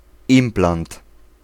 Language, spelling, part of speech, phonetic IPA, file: Polish, implant, noun, [ˈĩmplãnt], Pl-implant.ogg